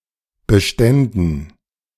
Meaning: dative plural of Bestand
- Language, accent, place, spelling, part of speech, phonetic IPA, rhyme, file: German, Germany, Berlin, Beständen, noun, [bəˈʃtɛndn̩], -ɛndn̩, De-Beständen.ogg